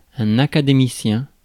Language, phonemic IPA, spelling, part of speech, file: French, /a.ka.de.mi.sjɛ̃/, académicien, noun, Fr-académicien.ogg
- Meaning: academician (member of an academy)